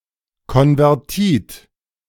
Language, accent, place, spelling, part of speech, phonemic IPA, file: German, Germany, Berlin, Konvertit, noun, /kɔnvɛʁˈtiːt/, De-Konvertit.ogg
- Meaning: convert